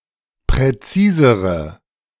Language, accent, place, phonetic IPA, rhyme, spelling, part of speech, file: German, Germany, Berlin, [pʁɛˈt͡siːzəʁə], -iːzəʁə, präzisere, adjective, De-präzisere.ogg
- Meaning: inflection of präzis: 1. strong/mixed nominative/accusative feminine singular comparative degree 2. strong nominative/accusative plural comparative degree